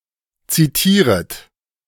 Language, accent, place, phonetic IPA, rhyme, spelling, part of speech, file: German, Germany, Berlin, [ˌt͡siˈtiːʁət], -iːʁət, zitieret, verb, De-zitieret.ogg
- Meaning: second-person plural subjunctive I of zitieren